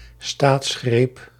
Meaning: coup d'état, stroke of state
- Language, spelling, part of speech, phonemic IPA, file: Dutch, staatsgreep, noun, /ˈstaːtsˌxreːp/, Nl-staatsgreep.ogg